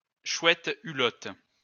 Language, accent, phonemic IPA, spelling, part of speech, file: French, France, /ʃwɛt y.lɔt/, chouette hulotte, noun, LL-Q150 (fra)-chouette hulotte.wav
- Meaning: tawny owl, brown owl (Strix aluco)